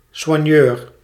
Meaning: a non-competing member of a sports team whose role is to provide support (such as psychological and medical care as well as supplies) for the athletes
- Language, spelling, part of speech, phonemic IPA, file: Dutch, soigneur, noun, /sʋaːˈnjœːr/, Nl-soigneur.ogg